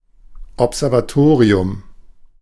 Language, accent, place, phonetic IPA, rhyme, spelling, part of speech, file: German, Germany, Berlin, [ɔpzɛʁvaˈtoːʁiʊm], -oːʁiʊm, Observatorium, noun, De-Observatorium.ogg
- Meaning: observatory